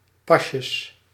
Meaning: plural of pasje
- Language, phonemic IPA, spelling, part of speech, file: Dutch, /ˈpɑʃəs/, pasjes, noun, Nl-pasjes.ogg